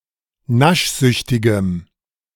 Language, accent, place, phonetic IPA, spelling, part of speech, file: German, Germany, Berlin, [ˈnaʃˌzʏçtɪɡəm], naschsüchtigem, adjective, De-naschsüchtigem.ogg
- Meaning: strong dative masculine/neuter singular of naschsüchtig